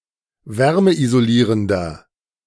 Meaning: 1. comparative degree of wärmeisolierend 2. inflection of wärmeisolierend: strong/mixed nominative masculine singular 3. inflection of wärmeisolierend: strong genitive/dative feminine singular
- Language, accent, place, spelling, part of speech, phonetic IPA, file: German, Germany, Berlin, wärmeisolierender, adjective, [ˈvɛʁməʔizoˌliːʁəndɐ], De-wärmeisolierender.ogg